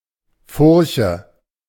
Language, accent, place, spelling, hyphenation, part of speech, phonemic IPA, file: German, Germany, Berlin, Furche, Fur‧che, noun, /ˈfʊrçə/, De-Furche.ogg
- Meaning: 1. furrow 2. deep crease, wrinkle etc